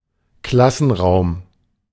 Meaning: classroom
- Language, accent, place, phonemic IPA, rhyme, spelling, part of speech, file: German, Germany, Berlin, /ˈklasn̩ˌʁaʊ̯m/, -aʊ̯m, Klassenraum, noun, De-Klassenraum.ogg